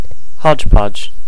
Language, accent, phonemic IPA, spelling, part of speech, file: English, US, /ˈhɑd͡ʒˌpɑd͡ʒ/, hodgepodge, noun / verb, ENUS-hodgepodge.ogg
- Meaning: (noun) 1. A collection containing a variety of miscellaneous things 2. A confused mass of ingredients shaken or mixed together in the same pot